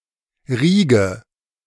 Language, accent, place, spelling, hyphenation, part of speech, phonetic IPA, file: German, Germany, Berlin, Riege, Rie‧ge, noun, [ˈʁiːɡə], De-Riege.ogg
- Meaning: 1. gymnastics team 2. group, team, side, lineup, cast, circle (sports, politics etc.)